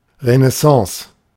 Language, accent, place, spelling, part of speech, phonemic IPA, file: German, Germany, Berlin, Renaissance, proper noun / noun, /ʁənɛˈsɑ̃ːs/, De-Renaissance.ogg
- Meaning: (proper noun) The Renaissance; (noun) renaissance